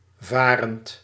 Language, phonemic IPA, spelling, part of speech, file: Dutch, /ˈvarənt/, varend, verb / adjective, Nl-varend.ogg
- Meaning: present participle of varen